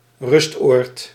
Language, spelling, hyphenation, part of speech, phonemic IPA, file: Dutch, rustoord, rust‧oord, noun, /ˈrʏst.oːrt/, Nl-rustoord.ogg
- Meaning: 1. old people's home 2. retreat, place of rest